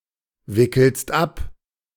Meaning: second-person singular present of abwickeln
- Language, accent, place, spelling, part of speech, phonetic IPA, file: German, Germany, Berlin, wickelst ab, verb, [ˌvɪkl̩st ˈap], De-wickelst ab.ogg